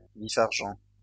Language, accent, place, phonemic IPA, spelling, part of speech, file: French, France, Lyon, /vi.faʁ.ʒɑ̃/, vif-argent, noun, LL-Q150 (fra)-vif-argent.wav
- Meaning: 1. quicksilver; mercury 2. rapidness, agility